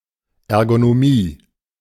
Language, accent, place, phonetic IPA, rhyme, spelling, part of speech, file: German, Germany, Berlin, [ˌɛʁɡonoˈmiː], -iː, Ergonomie, noun, De-Ergonomie.ogg
- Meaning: ergonomics